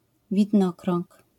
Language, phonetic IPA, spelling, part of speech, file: Polish, [vʲidˈnɔkrɔ̃ŋk], widnokrąg, noun, LL-Q809 (pol)-widnokrąg.wav